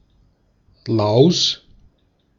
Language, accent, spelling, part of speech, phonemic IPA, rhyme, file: German, Austria, Laus, noun, /laʊ̯s/, -aʊ̯s, De-at-Laus.ogg
- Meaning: louse